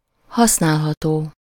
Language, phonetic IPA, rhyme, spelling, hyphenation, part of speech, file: Hungarian, [ˈhɒsnaːlɦɒtoː], -toː, használható, hasz‧nál‧ha‧tó, adjective, Hu-használható.ogg
- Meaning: usable (capable of being used)